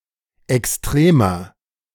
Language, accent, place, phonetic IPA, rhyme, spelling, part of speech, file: German, Germany, Berlin, [ɛksˈtʁeːmɐ], -eːmɐ, extremer, adjective, De-extremer.ogg
- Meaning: 1. comparative degree of extrem 2. inflection of extrem: strong/mixed nominative masculine singular 3. inflection of extrem: strong genitive/dative feminine singular